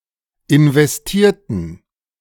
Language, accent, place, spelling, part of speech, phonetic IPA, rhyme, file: German, Germany, Berlin, investierten, adjective / verb, [ɪnvɛsˈtiːɐ̯tn̩], -iːɐ̯tn̩, De-investierten.ogg
- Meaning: inflection of investieren: 1. first/third-person plural preterite 2. first/third-person plural subjunctive II